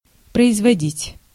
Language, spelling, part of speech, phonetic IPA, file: Russian, производить, verb, [prəɪzvɐˈdʲitʲ], Ru-производить.ogg
- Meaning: 1. to make, to carry out, to execute, to effect 2. to give birth 3. to promote 4. to cause, to produce, to create